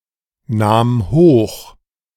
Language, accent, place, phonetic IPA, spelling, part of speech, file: German, Germany, Berlin, [ˌnaːm ˈhoːx], nahm hoch, verb, De-nahm hoch.ogg
- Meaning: first/third-person singular preterite of hochnehmen